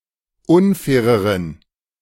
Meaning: inflection of unfair: 1. strong genitive masculine/neuter singular comparative degree 2. weak/mixed genitive/dative all-gender singular comparative degree
- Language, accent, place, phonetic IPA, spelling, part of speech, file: German, Germany, Berlin, [ˈʊnˌfɛːʁəʁən], unfaireren, adjective, De-unfaireren.ogg